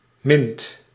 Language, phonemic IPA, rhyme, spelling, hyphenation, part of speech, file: Dutch, /mɪnt/, -ɪnt, mint, mint, noun / adjective / verb, Nl-mint.ogg
- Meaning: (noun) 1. a mint-flavored candy 2. mint (colour); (verb) inflection of minnen: 1. second/third-person singular present indicative 2. plural imperative